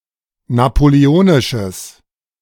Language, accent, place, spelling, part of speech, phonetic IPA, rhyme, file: German, Germany, Berlin, napoleonisches, adjective, [napoleˈoːnɪʃəs], -oːnɪʃəs, De-napoleonisches.ogg
- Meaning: strong/mixed nominative/accusative neuter singular of napoleonisch